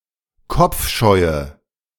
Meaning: inflection of kopfscheu: 1. strong/mixed nominative/accusative feminine singular 2. strong nominative/accusative plural 3. weak nominative all-gender singular
- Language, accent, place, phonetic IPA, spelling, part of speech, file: German, Germany, Berlin, [ˈkɔp͡fˌʃɔɪ̯ə], kopfscheue, adjective, De-kopfscheue.ogg